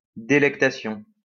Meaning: delight, pleasure
- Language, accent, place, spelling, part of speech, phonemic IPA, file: French, France, Lyon, délectation, noun, /de.lɛk.ta.sjɔ̃/, LL-Q150 (fra)-délectation.wav